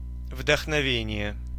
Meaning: inspiration
- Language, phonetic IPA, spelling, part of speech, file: Russian, [vdəxnɐˈvʲenʲɪje], вдохновение, noun, Ru-вдохновение.ogg